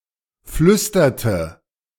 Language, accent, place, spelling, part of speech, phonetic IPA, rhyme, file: German, Germany, Berlin, flüsterte, verb, [ˈflʏstɐtə], -ʏstɐtə, De-flüsterte.ogg
- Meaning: inflection of flüstern: 1. first/third-person singular preterite 2. first/third-person singular subjunctive II